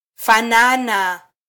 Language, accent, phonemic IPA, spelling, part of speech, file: Swahili, Kenya, /fɑˈnɑ.nɑ/, fanana, verb, Sw-ke-fanana.flac
- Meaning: 1. to resemble, to look like 2. to be similar